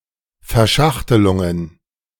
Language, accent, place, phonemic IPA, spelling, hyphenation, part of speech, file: German, Germany, Berlin, /fɛɐ̯ˈʃaxtəlʊŋən/, Verschachtelungen, Ver‧schach‧te‧lun‧gen, noun, De-Verschachtelungen.ogg
- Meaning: plural of Verschachtelung